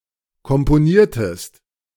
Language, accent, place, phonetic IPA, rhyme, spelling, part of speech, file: German, Germany, Berlin, [kɔmpoˈniːɐ̯təst], -iːɐ̯təst, komponiertest, verb, De-komponiertest.ogg
- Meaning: inflection of komponieren: 1. second-person singular preterite 2. second-person singular subjunctive II